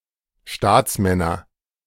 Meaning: nominative/accusative/genitive plural of Staatsmann
- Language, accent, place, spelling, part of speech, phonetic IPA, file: German, Germany, Berlin, Staatsmänner, noun, [ˈʃtaːt͡sˌmɛnɐ], De-Staatsmänner.ogg